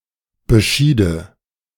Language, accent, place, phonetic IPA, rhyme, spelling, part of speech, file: German, Germany, Berlin, [bəˈʃiːdə], -iːdə, beschiede, verb, De-beschiede.ogg
- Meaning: first/third-person singular subjunctive II of bescheiden